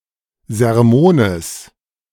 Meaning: genitive of Sermon
- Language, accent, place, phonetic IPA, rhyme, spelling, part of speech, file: German, Germany, Berlin, [zɛʁˈmoːnəs], -oːnəs, Sermones, noun, De-Sermones.ogg